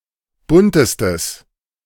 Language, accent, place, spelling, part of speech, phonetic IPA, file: German, Germany, Berlin, buntestes, adjective, [ˈbʊntəstəs], De-buntestes.ogg
- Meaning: strong/mixed nominative/accusative neuter singular superlative degree of bunt